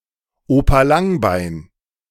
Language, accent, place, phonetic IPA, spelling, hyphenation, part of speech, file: German, Germany, Berlin, [ˈoːpa ˈlaŋˌbaɪ̯n], Opa Langbein, Opa Lang‧bein, noun, De-Opa Langbein.ogg
- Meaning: daddy longlegs, harvestman (arachnid of order Opiliones)